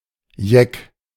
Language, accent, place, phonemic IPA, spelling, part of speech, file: German, Germany, Berlin, /jɛk/, jeck, adjective, De-jeck.ogg
- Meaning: crazy, mad